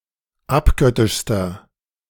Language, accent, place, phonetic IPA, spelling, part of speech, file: German, Germany, Berlin, [ˈapˌɡœtɪʃstɐ], abgöttischster, adjective, De-abgöttischster.ogg
- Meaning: inflection of abgöttisch: 1. strong/mixed nominative masculine singular superlative degree 2. strong genitive/dative feminine singular superlative degree 3. strong genitive plural superlative degree